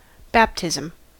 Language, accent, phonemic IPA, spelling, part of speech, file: English, US, /ˈbæptɪzəm/, baptism, noun, En-us-baptism.ogg
- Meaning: A Christian sacrament, by which one is received into a church and sometimes given a name, generally involving the candidate to be anointed with or submerged in water